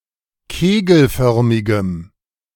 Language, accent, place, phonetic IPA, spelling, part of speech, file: German, Germany, Berlin, [ˈkeːɡl̩ˌfœʁmɪɡəm], kegelförmigem, adjective, De-kegelförmigem.ogg
- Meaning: strong dative masculine/neuter singular of kegelförmig